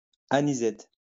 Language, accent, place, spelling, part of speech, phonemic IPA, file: French, France, Lyon, anisette, noun, /a.ni.zɛt/, LL-Q150 (fra)-anisette.wav
- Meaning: anisette